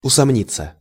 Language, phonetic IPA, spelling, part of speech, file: Russian, [ʊsɐˈmnʲit͡sːə], усомниться, verb, Ru-усомниться.ogg
- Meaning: to doubt, to feel doubt about